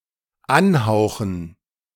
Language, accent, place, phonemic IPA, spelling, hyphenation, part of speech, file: German, Germany, Berlin, /ˈanˌhaʊ̯xn̩/, anhauchen, an‧hau‧chen, verb, De-anhauchen.ogg
- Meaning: to breathe on